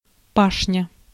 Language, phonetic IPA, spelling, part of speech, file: Russian, [ˈpaʂnʲə], пашня, noun, Ru-пашня.ogg
- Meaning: ploughed field, arable land